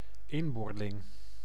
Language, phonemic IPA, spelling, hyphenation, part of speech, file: Dutch, /ˈɪm.boːrˌlɪŋ/, inboorling, in‧boor‧ling, noun, Nl-inboorling.ogg
- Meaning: 1. a native, an aboriginal (member of the original population of a locale) 2. a native, one born in a certain place or region, especially a natively born resident